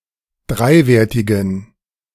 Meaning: inflection of dreiwertig: 1. strong genitive masculine/neuter singular 2. weak/mixed genitive/dative all-gender singular 3. strong/weak/mixed accusative masculine singular 4. strong dative plural
- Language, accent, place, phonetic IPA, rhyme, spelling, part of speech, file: German, Germany, Berlin, [ˈdʁaɪ̯ˌveːɐ̯tɪɡn̩], -aɪ̯veːɐ̯tɪɡn̩, dreiwertigen, adjective, De-dreiwertigen.ogg